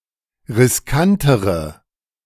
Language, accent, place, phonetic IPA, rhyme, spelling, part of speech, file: German, Germany, Berlin, [ʁɪsˈkantəʁə], -antəʁə, riskantere, adjective, De-riskantere.ogg
- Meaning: inflection of riskant: 1. strong/mixed nominative/accusative feminine singular comparative degree 2. strong nominative/accusative plural comparative degree